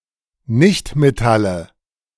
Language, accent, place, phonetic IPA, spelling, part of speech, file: German, Germany, Berlin, [ˈnɪçtmeˌtalə], Nichtmetalle, noun, De-Nichtmetalle.ogg
- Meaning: nominative/accusative/genitive plural of Nichtmetall